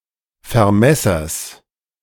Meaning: genitive singular of Vermesser
- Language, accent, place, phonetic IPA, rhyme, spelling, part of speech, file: German, Germany, Berlin, [fɛɐ̯ˈmɛsɐs], -ɛsɐs, Vermessers, noun, De-Vermessers.ogg